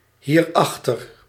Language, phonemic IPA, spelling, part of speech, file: Dutch, /ˈhirɑxtər/, hierachter, adverb, Nl-hierachter.ogg
- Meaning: pronominal adverb form of achter + dit